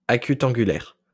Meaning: acutangular, acute-angled
- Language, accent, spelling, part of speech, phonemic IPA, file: French, France, acutangulaire, adjective, /a.ky.tɑ̃.ɡy.lɛʁ/, LL-Q150 (fra)-acutangulaire.wav